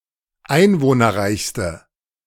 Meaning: inflection of einwohnerreich: 1. strong/mixed nominative/accusative feminine singular superlative degree 2. strong nominative/accusative plural superlative degree
- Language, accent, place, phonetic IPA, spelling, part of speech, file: German, Germany, Berlin, [ˈaɪ̯nvoːnɐˌʁaɪ̯çstə], einwohnerreichste, adjective, De-einwohnerreichste.ogg